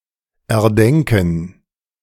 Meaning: to think up
- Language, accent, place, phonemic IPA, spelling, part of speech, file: German, Germany, Berlin, /ɛɐ̯ˈdɛŋkn̩/, erdenken, verb, De-erdenken.ogg